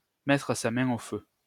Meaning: to bet one's boots that, to bet one's bottom dollar that
- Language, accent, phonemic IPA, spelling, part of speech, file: French, France, /mɛ.tʁə sa mɛ̃ o fø/, mettre sa main au feu, verb, LL-Q150 (fra)-mettre sa main au feu.wav